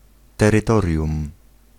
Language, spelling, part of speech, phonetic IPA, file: Polish, terytorium, noun, [ˌtɛrɨˈtɔrʲjũm], Pl-terytorium.ogg